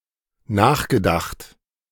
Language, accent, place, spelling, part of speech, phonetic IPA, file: German, Germany, Berlin, nachgedacht, verb, [ˈnaːxɡəˌdaxt], De-nachgedacht.ogg
- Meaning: past participle of nachdenken